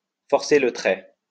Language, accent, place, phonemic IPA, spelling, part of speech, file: French, France, Lyon, /fɔʁ.se lə tʁɛ/, forcer le trait, verb, LL-Q150 (fra)-forcer le trait.wav
- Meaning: to exaggerate, to caricature (often on purpose, so as to make something appear more clearly)